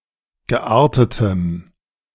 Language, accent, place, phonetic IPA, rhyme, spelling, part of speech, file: German, Germany, Berlin, [ɡəˈʔaːɐ̯tətəm], -aːɐ̯tətəm, geartetem, adjective, De-geartetem.ogg
- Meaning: strong dative masculine/neuter singular of geartet